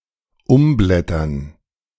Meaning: to flip (e.g. pages)
- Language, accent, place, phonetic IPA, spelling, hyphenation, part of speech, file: German, Germany, Berlin, [ˈʊmˌblɛtɐn], umblättern, um‧blät‧tern, verb, De-umblättern.ogg